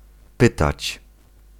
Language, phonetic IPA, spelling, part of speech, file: Polish, [ˈpɨtat͡ɕ], pytać, verb, Pl-pytać.ogg